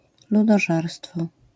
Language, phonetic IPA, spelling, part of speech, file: Polish, [ˌludɔˈʒɛrstfɔ], ludożerstwo, noun, LL-Q809 (pol)-ludożerstwo.wav